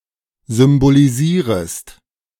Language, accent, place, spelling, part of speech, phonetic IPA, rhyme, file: German, Germany, Berlin, symbolisierest, verb, [zʏmboliˈziːʁəst], -iːʁəst, De-symbolisierest.ogg
- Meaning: second-person singular subjunctive I of symbolisieren